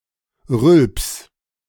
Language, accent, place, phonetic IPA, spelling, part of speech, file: German, Germany, Berlin, [ʁʏlps], Rülps, noun, De-Rülps.ogg
- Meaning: belch